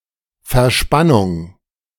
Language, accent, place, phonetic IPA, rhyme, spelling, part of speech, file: German, Germany, Berlin, [fɛɐ̯ˈʃpanʊŋ], -anʊŋ, Verspannung, noun, De-Verspannung.ogg
- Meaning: 1. tension 2. bracing, stay